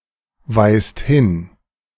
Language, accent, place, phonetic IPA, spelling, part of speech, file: German, Germany, Berlin, [ˌvaɪ̯st ˈhɪn], weist hin, verb, De-weist hin.ogg
- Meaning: inflection of hinweisen: 1. second/third-person singular present 2. second-person plural present 3. plural imperative